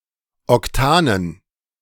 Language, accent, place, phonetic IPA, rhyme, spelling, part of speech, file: German, Germany, Berlin, [ɔkˈtaːnən], -aːnən, Octanen, noun, De-Octanen.ogg
- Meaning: dative plural of Octan